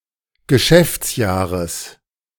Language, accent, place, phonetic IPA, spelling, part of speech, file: German, Germany, Berlin, [ɡəˈʃɛft͡sˌjaːʁəs], Geschäftsjahres, noun, De-Geschäftsjahres.ogg
- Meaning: genitive singular of Geschäftsjahr